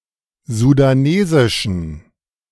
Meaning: inflection of sudanesisch: 1. strong genitive masculine/neuter singular 2. weak/mixed genitive/dative all-gender singular 3. strong/weak/mixed accusative masculine singular 4. strong dative plural
- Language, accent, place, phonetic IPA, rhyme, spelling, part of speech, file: German, Germany, Berlin, [zudaˈneːzɪʃn̩], -eːzɪʃn̩, sudanesischen, adjective, De-sudanesischen.ogg